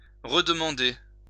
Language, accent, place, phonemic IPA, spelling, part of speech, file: French, France, Lyon, /ʁə.d(ə).mɑ̃.de/, redemander, verb, LL-Q150 (fra)-redemander.wav
- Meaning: to ask again, or for more